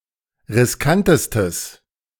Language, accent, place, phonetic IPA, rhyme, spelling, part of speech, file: German, Germany, Berlin, [ʁɪsˈkantəstəs], -antəstəs, riskantestes, adjective, De-riskantestes.ogg
- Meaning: strong/mixed nominative/accusative neuter singular superlative degree of riskant